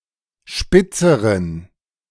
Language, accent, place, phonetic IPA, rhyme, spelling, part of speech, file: German, Germany, Berlin, [ˈʃpɪt͡səʁən], -ɪt͡səʁən, spitzeren, adjective, De-spitzeren.ogg
- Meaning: inflection of spitz: 1. strong genitive masculine/neuter singular comparative degree 2. weak/mixed genitive/dative all-gender singular comparative degree